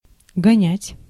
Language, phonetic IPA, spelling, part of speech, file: Russian, [ɡɐˈnʲætʲ], гонять, verb, Ru-гонять.ogg
- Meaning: 1. to drive 2. to distill 3. to chase, to pursue 4. to speed along